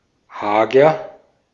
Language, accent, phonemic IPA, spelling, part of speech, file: German, Austria, /ˈhaːɡɐ/, hager, adjective, De-at-hager.ogg
- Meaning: gaunt, lean, haggard